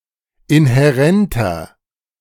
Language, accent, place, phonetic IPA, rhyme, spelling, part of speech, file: German, Germany, Berlin, [ɪnhɛˈʁɛntɐ], -ɛntɐ, inhärenter, adjective, De-inhärenter.ogg
- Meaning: inflection of inhärent: 1. strong/mixed nominative masculine singular 2. strong genitive/dative feminine singular 3. strong genitive plural